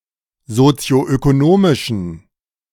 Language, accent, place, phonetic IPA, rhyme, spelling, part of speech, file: German, Germany, Berlin, [zot͡si̯oʔøkoˈnoːmɪʃn̩], -oːmɪʃn̩, sozioökonomischen, adjective, De-sozioökonomischen.ogg
- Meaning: inflection of sozioökonomisch: 1. strong genitive masculine/neuter singular 2. weak/mixed genitive/dative all-gender singular 3. strong/weak/mixed accusative masculine singular 4. strong dative plural